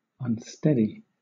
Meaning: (adjective) 1. Not held firmly in position; physically unstable 2. Lacking regularity or uniformity 3. Inconstant in purpose, or volatile in behavior; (verb) To render unsteady, removing balance
- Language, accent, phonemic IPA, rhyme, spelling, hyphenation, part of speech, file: English, Southern England, /ʌnˈstɛdi/, -ɛdi, unsteady, un‧steady, adjective / verb, LL-Q1860 (eng)-unsteady.wav